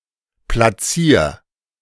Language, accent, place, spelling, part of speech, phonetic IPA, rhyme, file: German, Germany, Berlin, platzier, verb, [plaˈt͡siːɐ̯], -iːɐ̯, De-platzier.ogg
- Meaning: 1. singular imperative of platzieren 2. first-person singular present of platzieren